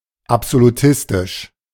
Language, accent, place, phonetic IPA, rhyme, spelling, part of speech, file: German, Germany, Berlin, [ˌapzoluˈtɪstɪʃ], -ɪstɪʃ, absolutistisch, adjective, De-absolutistisch.ogg
- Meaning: absolutist, absolutistic